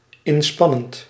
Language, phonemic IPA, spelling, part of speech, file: Dutch, /ɪnˈspɑnənt/, inspannend, verb / adjective, Nl-inspannend.ogg
- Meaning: present participle of inspannen